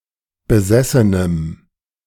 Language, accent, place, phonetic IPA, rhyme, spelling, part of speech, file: German, Germany, Berlin, [bəˈzɛsənəm], -ɛsənəm, besessenem, adjective, De-besessenem.ogg
- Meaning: strong dative masculine/neuter singular of besessen